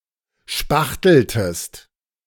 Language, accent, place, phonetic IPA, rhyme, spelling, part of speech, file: German, Germany, Berlin, [ˈʃpaxtl̩təst], -axtl̩təst, spachteltest, verb, De-spachteltest.ogg
- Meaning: inflection of spachteln: 1. second-person singular preterite 2. second-person singular subjunctive II